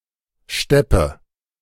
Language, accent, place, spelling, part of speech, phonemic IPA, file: German, Germany, Berlin, Steppe, noun, /ˈʃtɛpə/, De-Steppe.ogg
- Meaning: steppe (grassland)